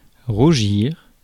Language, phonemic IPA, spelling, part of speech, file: French, /ʁu.ʒiʁ/, rougir, verb, Fr-rougir.ogg
- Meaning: 1. to redden 2. to blush